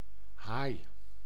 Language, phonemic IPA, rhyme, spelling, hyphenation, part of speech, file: Dutch, /ɦaːi̯/, -aːi̯, haai, haai, noun / adjective, Nl-haai.ogg
- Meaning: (noun) 1. a shark, fish of the superorder Selachimorpha (sometimes also including certain extinct shark-like members of the Elasmobranchii outside this superorder) 2. a ruthless person